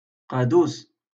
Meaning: pipe, conduit, drain
- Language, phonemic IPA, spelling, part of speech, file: Moroccan Arabic, /qaː.duːs/, قادوس, noun, LL-Q56426 (ary)-قادوس.wav